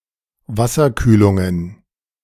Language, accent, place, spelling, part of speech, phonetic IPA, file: German, Germany, Berlin, Wasserkühlungen, noun, [ˈvasɐˌkyːlʊŋən], De-Wasserkühlungen.ogg
- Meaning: plural of Wasserkühlung